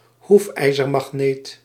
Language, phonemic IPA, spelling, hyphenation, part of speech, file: Dutch, /ˈɦuf.ɛi̯.zər.mɑxˌneːt/, hoefijzermagneet, hoef‧ij‧zer‧mag‧neet, noun, Nl-hoefijzermagneet.ogg
- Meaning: a horseshoe magnet